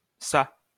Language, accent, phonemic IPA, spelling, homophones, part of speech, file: French, France, /sa/, çà, ça / sa, adverb / interjection, LL-Q150 (fra)-çà.wav
- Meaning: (adverb) hither; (interjection) 1. so, well, then (with exhortative or intensive effect) 2. la! (expressing strong emotion of anger, surprise etc.)